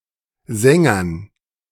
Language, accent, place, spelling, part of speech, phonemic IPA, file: German, Germany, Berlin, Sängern, noun, /ˈzɛŋɐn/, De-Sängern.ogg
- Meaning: dative plural of Sänger